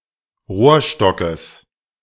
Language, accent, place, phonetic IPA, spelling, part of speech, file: German, Germany, Berlin, [ˈʁoːɐ̯ˌʃtɔkəs], Rohrstockes, noun, De-Rohrstockes.ogg
- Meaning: genitive singular of Rohrstock